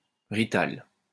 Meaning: wop, dago (person of Italian descent)
- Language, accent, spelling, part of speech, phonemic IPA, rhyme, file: French, France, rital, noun, /ʁi.tal/, -al, LL-Q150 (fra)-rital.wav